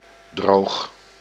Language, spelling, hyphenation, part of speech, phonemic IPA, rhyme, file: Dutch, droog, droog, adjective / verb, /droːx/, -oːx, Nl-droog.ogg
- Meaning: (adjective) 1. dry (not wet) 2. arid (getting little precipitation) 3. dry, dull, uninspired 4. dry; humorous in an understated or deadpan way 5. dry-tasting, not sweet